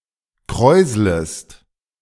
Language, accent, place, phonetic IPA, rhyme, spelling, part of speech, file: German, Germany, Berlin, [ˈkʁɔɪ̯zləst], -ɔɪ̯zləst, kräuslest, verb, De-kräuslest.ogg
- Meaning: second-person singular subjunctive I of kräuseln